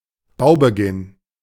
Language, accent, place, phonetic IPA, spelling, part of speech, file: German, Germany, Berlin, [ˈbaʊ̯bəˌɡɪn], Baubeginn, noun, De-Baubeginn.ogg
- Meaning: commencement / start of construction (the point at which construction began or will begin)